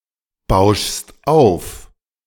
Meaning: second-person singular present of aufbauschen
- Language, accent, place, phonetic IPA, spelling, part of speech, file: German, Germany, Berlin, [ˌbaʊ̯ʃst ˈaʊ̯f], bauschst auf, verb, De-bauschst auf.ogg